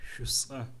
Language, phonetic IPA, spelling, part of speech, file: Adyghe, [ʃʷʼəsʼa], шӏусӏэ, adjective / noun, Shosaa.ogg
- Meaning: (adjective) alternative form of шӏуцӏэ (šʷʼucʼɛ)